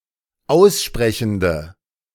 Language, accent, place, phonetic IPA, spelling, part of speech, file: German, Germany, Berlin, [ˈaʊ̯sˌʃpʁɛçn̩də], aussprechende, adjective, De-aussprechende.ogg
- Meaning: inflection of aussprechend: 1. strong/mixed nominative/accusative feminine singular 2. strong nominative/accusative plural 3. weak nominative all-gender singular